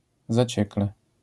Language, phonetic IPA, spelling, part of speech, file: Polish, [zaˈt͡ɕɛklɛ], zaciekle, adverb, LL-Q809 (pol)-zaciekle.wav